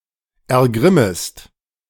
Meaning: second-person singular subjunctive I of ergrimmen
- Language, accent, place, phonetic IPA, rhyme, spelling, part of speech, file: German, Germany, Berlin, [ɛɐ̯ˈɡʁɪməst], -ɪməst, ergrimmest, verb, De-ergrimmest.ogg